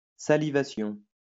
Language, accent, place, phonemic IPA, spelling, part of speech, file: French, France, Lyon, /sa.li.va.sjɔ̃/, salivation, noun, LL-Q150 (fra)-salivation.wav
- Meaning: salivation